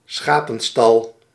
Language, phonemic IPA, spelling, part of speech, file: Dutch, /ˈsxapə(n)ˌstɑl/, schapenstal, noun, Nl-schapenstal.ogg
- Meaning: sheepfold